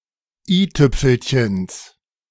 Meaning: genitive singular of i-Tüpfelchen
- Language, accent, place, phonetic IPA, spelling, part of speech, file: German, Germany, Berlin, [ˈiːˌtʏp͡fl̩çəns], i-Tüpfelchens, noun, De-i-Tüpfelchens.ogg